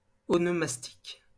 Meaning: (adjective) onomastic; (noun) onomastics
- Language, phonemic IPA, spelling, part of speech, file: French, /ɔ.nɔ.mas.tik/, onomastique, adjective / noun, LL-Q150 (fra)-onomastique.wav